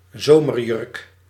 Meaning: a summer dress
- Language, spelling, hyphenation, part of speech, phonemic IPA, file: Dutch, zomerjurk, zo‧mer‧jurk, noun, /ˈzoː.mərˌjʏrk/, Nl-zomerjurk.ogg